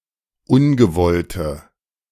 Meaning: inflection of ungewollt: 1. strong/mixed nominative/accusative feminine singular 2. strong nominative/accusative plural 3. weak nominative all-gender singular
- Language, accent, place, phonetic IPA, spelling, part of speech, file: German, Germany, Berlin, [ˈʊnɡəˌvɔltə], ungewollte, adjective, De-ungewollte.ogg